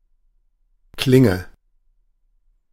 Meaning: 1. blade (of a weapon or tool) 2. a bladed weapon, sword, saber, etc
- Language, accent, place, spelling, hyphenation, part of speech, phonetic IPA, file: German, Germany, Berlin, Klinge, Klin‧ge, noun, [ˈklɪŋə], De-Klinge.ogg